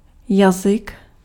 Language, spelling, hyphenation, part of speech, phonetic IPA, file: Czech, jazyk, ja‧zyk, noun, [ˈjazɪk], Cs-jazyk.ogg
- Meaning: 1. tongue (the fleshy muscular organ in the mouth of a mammal) 2. a thing resembling a tongue 3. language (a method of interhuman communication)